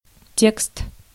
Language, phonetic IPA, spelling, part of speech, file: Russian, [tʲekst], текст, noun, Ru-текст.ogg
- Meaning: 1. text, wording 2. lyrics 3. transcript